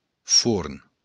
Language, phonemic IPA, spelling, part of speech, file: Occitan, /fuɾn/, forn, noun, LL-Q942602-forn.wav
- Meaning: oven